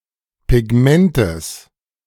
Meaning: genitive singular of Pigment
- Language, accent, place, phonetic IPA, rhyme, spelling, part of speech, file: German, Germany, Berlin, [pɪˈɡmɛntəs], -ɛntəs, Pigmentes, noun, De-Pigmentes.ogg